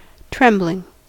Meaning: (noun) A tremble; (verb) present participle and gerund of tremble
- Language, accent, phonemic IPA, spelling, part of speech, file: English, US, /ˈtɹɛmblɪŋ/, trembling, noun / verb, En-us-trembling.ogg